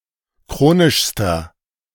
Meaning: inflection of chronisch: 1. strong/mixed nominative masculine singular superlative degree 2. strong genitive/dative feminine singular superlative degree 3. strong genitive plural superlative degree
- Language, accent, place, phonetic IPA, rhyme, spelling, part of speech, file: German, Germany, Berlin, [ˈkʁoːnɪʃstɐ], -oːnɪʃstɐ, chronischster, adjective, De-chronischster.ogg